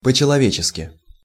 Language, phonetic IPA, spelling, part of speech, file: Russian, [pə‿t͡ɕɪɫɐˈvʲet͡ɕɪskʲɪ], по-человечески, adverb, Ru-по-человечески.ogg
- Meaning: humanly